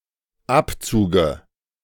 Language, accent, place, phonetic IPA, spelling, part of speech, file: German, Germany, Berlin, [ˈapˌt͡suːɡə], Abzuge, noun, De-Abzuge.ogg
- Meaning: dative singular of Abzug